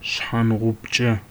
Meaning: window
- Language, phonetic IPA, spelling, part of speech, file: Adyghe, [ʂħaːnʁʷəptʂa], шъхьангъупчъэ, noun, ʂħaːnʁʷətʂa.ogg